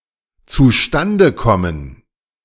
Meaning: to come about
- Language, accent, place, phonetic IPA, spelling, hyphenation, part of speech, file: German, Germany, Berlin, [t͡suˈʃtandə ˈkɔmən], zustande kommen, zu‧stan‧de kom‧men, verb, De-zustande kommen.ogg